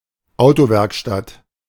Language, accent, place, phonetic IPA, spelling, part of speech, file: German, Germany, Berlin, [ˈaʊ̯toˌvɛʁkʃtat], Autowerkstatt, noun, De-Autowerkstatt.ogg
- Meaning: car repair shop, auto shop, garage